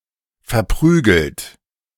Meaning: 1. past participle of verprügeln 2. inflection of verprügeln: third-person singular present 3. inflection of verprügeln: second-person plural present 4. inflection of verprügeln: plural imperative
- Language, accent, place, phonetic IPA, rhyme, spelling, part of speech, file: German, Germany, Berlin, [fɛɐ̯ˈpʁyːɡl̩t], -yːɡl̩t, verprügelt, verb, De-verprügelt.ogg